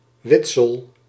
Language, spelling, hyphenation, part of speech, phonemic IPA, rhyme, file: Dutch, witsel, wit‧sel, noun, /ˈʋɪt.səl/, -ɪtsəl, Nl-witsel.ogg
- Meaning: limewash used for whitewashing